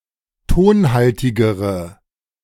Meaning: inflection of tonhaltig: 1. strong/mixed nominative/accusative feminine singular comparative degree 2. strong nominative/accusative plural comparative degree
- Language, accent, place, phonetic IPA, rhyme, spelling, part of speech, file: German, Germany, Berlin, [ˈtoːnˌhaltɪɡəʁə], -oːnhaltɪɡəʁə, tonhaltigere, adjective, De-tonhaltigere.ogg